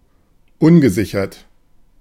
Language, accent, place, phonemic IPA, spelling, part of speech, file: German, Germany, Berlin, /ˈʊnɡəˌzɪçɐt/, ungesichert, adjective, De-ungesichert.ogg
- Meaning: 1. unsecured 2. insecure, uncertain